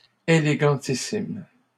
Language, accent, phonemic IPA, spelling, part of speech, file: French, Canada, /e.le.ɡɑ̃.ti.sim/, élégantissime, adjective, LL-Q150 (fra)-élégantissime.wav
- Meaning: superelegant